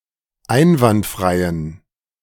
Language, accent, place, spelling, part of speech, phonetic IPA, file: German, Germany, Berlin, einwandfreien, adjective, [ˈaɪ̯nvantˌfʁaɪ̯ən], De-einwandfreien.ogg
- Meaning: inflection of einwandfrei: 1. strong genitive masculine/neuter singular 2. weak/mixed genitive/dative all-gender singular 3. strong/weak/mixed accusative masculine singular 4. strong dative plural